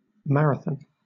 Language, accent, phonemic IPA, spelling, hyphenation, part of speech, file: English, Southern England, /ˈmæɹəθən/, marathon, mar‧a‧thon, noun / verb, LL-Q1860 (eng)-marathon.wav
- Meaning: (noun) 1. A 42.195-kilometre (26-mile-385-yard) road race 2. Any extended or sustained activity; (verb) To run a marathon